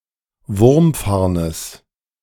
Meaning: genitive singular of Wurmfarn
- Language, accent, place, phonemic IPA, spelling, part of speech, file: German, Germany, Berlin, /ˈvʊʁmˌfaʁnəs/, Wurmfarnes, noun, De-Wurmfarnes.ogg